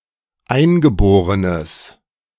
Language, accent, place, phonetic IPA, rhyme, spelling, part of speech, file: German, Germany, Berlin, [ˈaɪ̯nɡəˌboːʁənəs], -aɪ̯nɡəboːʁənəs, eingeborenes, adjective, De-eingeborenes.ogg
- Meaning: strong/mixed nominative/accusative neuter singular of eingeboren